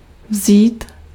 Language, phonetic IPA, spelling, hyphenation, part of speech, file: Czech, [ˈvziːt], vzít, vzít, verb, Cs-vzít.ogg
- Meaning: 1. to take 2. to take someone somewhere 3. to take, to hold 4. to marry sb., to get married to sb